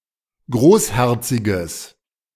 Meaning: strong/mixed nominative/accusative neuter singular of großherzig
- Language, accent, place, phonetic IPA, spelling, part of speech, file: German, Germany, Berlin, [ˈɡʁoːsˌhɛʁt͡sɪɡəs], großherziges, adjective, De-großherziges.ogg